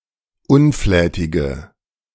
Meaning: inflection of unflätig: 1. strong/mixed nominative/accusative feminine singular 2. strong nominative/accusative plural 3. weak nominative all-gender singular
- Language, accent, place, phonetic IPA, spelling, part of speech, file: German, Germany, Berlin, [ˈʊnˌflɛːtɪɡə], unflätige, adjective, De-unflätige.ogg